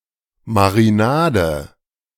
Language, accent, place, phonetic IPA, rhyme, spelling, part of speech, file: German, Germany, Berlin, [maʁiˈnaːdə], -aːdə, Marinade, noun, De-Marinade.ogg
- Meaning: marinade